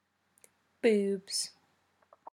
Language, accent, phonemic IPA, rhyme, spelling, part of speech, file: English, UK, /buːbz/, -uːbz, boobs, noun / verb, En-uk-boobs.ogg
- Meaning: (noun) plural of boob; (verb) third-person singular simple present indicative of boob